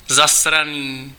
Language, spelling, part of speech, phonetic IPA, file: Czech, zasraný, adjective, [ˈzasraniː], Cs-zasraný.ogg
- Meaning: fucking, damned